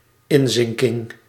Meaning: breakdown
- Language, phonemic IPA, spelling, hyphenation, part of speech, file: Dutch, /ˈɪnˌzɪŋ.kɪŋ/, inzinking, in‧zin‧king, noun, Nl-inzinking.ogg